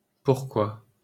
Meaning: why
- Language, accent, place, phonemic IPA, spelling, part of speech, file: French, France, Paris, /puʁ.kwa/, pourquoi, adverb, LL-Q150 (fra)-pourquoi.wav